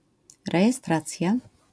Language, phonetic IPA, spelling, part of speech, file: Polish, [ˌrɛjɛˈstrat͡sʲja], rejestracja, noun, LL-Q809 (pol)-rejestracja.wav